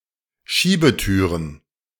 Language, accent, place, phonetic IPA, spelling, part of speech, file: German, Germany, Berlin, [ˈʃiːbəˌtyːʁən], Schiebetüren, noun, De-Schiebetüren.ogg
- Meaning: plural of Schiebetür